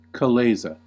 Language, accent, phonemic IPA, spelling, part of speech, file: English, US, /kəˈleɪzə/, chalaza, noun, En-us-chalaza.ogg
- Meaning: 1. The location where the nucellus attaches to the integuments, opposite the micropyle 2. One of the two spiral bands which attach the yolk of an egg to the eggshell, suspending it in the white